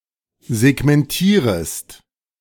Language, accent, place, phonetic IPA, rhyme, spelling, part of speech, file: German, Germany, Berlin, [zɛɡmɛnˈtiːʁəst], -iːʁəst, segmentierest, verb, De-segmentierest.ogg
- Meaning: second-person singular subjunctive I of segmentieren